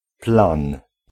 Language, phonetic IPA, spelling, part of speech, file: Polish, [plãn], plan, noun, Pl-plan.ogg